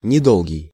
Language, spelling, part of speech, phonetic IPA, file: Russian, недолгий, adjective, [nʲɪˈdoɫɡʲɪj], Ru-недолгий.ogg
- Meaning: brief, short, not long